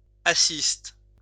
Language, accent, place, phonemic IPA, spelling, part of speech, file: French, France, Lyon, /a.sist/, assiste, verb, LL-Q150 (fra)-assiste.wav
- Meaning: inflection of assister: 1. first/third-person singular present indicative/subjunctive 2. second-person singular imperative